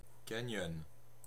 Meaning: canyon
- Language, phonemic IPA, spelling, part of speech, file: French, /ka.ɲɔn/, canyon, noun, Fr-canyon.ogg